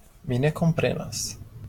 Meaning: I don't understand
- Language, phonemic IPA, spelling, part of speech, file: Esperanto, /mi ne komˈprenas/, mi ne komprenas, phrase, LL-Q143 (epo)-mi ne komprenas.wav